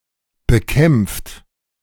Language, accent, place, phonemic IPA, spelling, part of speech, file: German, Germany, Berlin, /bəˈkɛmft/, bekämpft, verb / adjective, De-bekämpft.ogg
- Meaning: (verb) past participle of bekämpfen; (adjective) combated; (verb) inflection of bekämpfen: 1. third-person singular present 2. second-person plural present 3. plural imperative